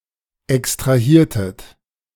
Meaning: inflection of extrahieren: 1. second-person plural preterite 2. second-person plural subjunctive II
- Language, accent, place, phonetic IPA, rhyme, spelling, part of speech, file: German, Germany, Berlin, [ɛkstʁaˈhiːɐ̯tət], -iːɐ̯tət, extrahiertet, verb, De-extrahiertet.ogg